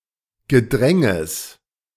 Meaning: genitive singular of Gedränge
- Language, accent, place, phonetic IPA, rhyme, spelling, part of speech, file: German, Germany, Berlin, [ɡəˈdʁɛŋəs], -ɛŋəs, Gedränges, noun, De-Gedränges.ogg